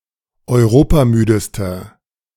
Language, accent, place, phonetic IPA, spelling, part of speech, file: German, Germany, Berlin, [ɔɪ̯ˈʁoːpaˌmyːdəstɐ], europamüdester, adjective, De-europamüdester.ogg
- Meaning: inflection of europamüde: 1. strong/mixed nominative masculine singular superlative degree 2. strong genitive/dative feminine singular superlative degree 3. strong genitive plural superlative degree